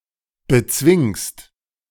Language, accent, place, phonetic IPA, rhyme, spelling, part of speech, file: German, Germany, Berlin, [bəˈt͡svɪŋst], -ɪŋst, bezwingst, verb, De-bezwingst.ogg
- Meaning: second-person singular present of bezwingen